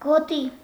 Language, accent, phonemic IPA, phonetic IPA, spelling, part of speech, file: Armenian, Eastern Armenian, /ɡoˈti/, [ɡotí], գոտի, noun, Hy-գոտի.ogg
- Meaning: 1. belt, girdle; sash, waistband 2. zone, belt 3. zone (a given area distinguished on the basis of a particular characteristic, use, restriction, etc.)